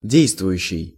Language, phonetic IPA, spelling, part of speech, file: Russian, [ˈdʲejstvʊjʉɕːɪj], действующий, verb / adjective, Ru-действующий.ogg
- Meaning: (verb) present active imperfective participle of де́йствовать (déjstvovatʹ); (adjective) active, functioning, in force